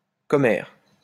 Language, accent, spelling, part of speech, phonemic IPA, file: French, France, commère, noun, /kɔ.mɛʁ/, LL-Q150 (fra)-commère.wav
- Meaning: 1. gossipper, busybody 2. the godmother of one's child or the mother of one's godchild